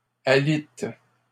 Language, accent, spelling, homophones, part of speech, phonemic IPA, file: French, Canada, alite, alitent / alites, verb, /a.lit/, LL-Q150 (fra)-alite.wav
- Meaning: inflection of aliter: 1. first/third-person singular present indicative/subjunctive 2. second-person singular imperative